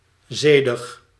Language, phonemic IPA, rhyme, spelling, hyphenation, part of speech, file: Dutch, /ˈzeː.dəx/, -eːdəx, zedig, ze‧dig, adjective, Nl-zedig.ogg
- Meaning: chaste